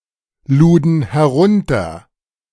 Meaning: first/third-person plural preterite of herunterladen
- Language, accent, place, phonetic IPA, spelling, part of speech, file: German, Germany, Berlin, [ˌluːdn̩ hɛˈʁʊntɐ], luden herunter, verb, De-luden herunter.ogg